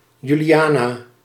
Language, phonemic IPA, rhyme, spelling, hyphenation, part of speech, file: Dutch, /ˌjy.liˈaː.naː/, -aːnaː, Juliana, Ju‧li‧a‧na, proper noun, Nl-Juliana.ogg
- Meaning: a female given name